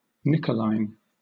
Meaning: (adjective) Created by, in the style of, or pertaining to any of several people named Nicholas; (proper noun) A female given name from Ancient Greek, a feminine form of Nicholas
- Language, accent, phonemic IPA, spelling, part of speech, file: English, Southern England, /nɪkəlaɪn/, Nicholine, adjective / proper noun, LL-Q1860 (eng)-Nicholine.wav